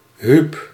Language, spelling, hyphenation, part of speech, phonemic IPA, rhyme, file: Dutch, Huub, Huub, proper noun, /ɦyp/, -yp, Nl-Huub.ogg
- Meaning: a male given name